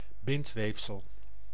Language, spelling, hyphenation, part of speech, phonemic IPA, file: Dutch, bindweefsel, bind‧weef‧sel, noun, /ˈbɪntˌʋeːf.səl/, Nl-bindweefsel.ogg
- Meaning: connective tissue